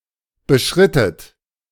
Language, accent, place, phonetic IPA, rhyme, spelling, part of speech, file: German, Germany, Berlin, [bəˈʃʁɪtət], -ɪtət, beschrittet, verb, De-beschrittet.ogg
- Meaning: inflection of beschreiten: 1. second-person plural preterite 2. second-person plural subjunctive II